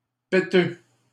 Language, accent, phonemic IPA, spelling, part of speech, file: French, Canada, /pe.tø/, péteux, adjective, LL-Q150 (fra)-péteux.wav
- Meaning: 1. timid, cowardly 2. pretentious, stuck-up